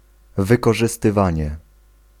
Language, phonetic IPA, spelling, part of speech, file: Polish, [ˌvɨkɔʒɨstɨˈvãɲɛ], wykorzystywanie, noun, Pl-wykorzystywanie.ogg